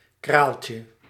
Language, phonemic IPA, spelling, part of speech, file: Dutch, /ˈkralcə/, kraaltje, noun, Nl-kraaltje.ogg
- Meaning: diminutive of kraal